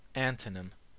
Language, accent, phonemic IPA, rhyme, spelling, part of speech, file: English, General American, /ˈæn.təˌnɪm/, -ɪm, antonym, noun, En-us-antonym.ogg
- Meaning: A word which has the opposite meaning of another word